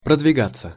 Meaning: 1. to advance, to move/push forward/on/further, to gain/make ground, to make headway 2. to advance, to make progress/headway 3. passive of продвига́ть (prodvigátʹ)
- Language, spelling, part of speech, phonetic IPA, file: Russian, продвигаться, verb, [prədvʲɪˈɡat͡sːə], Ru-продвигаться.ogg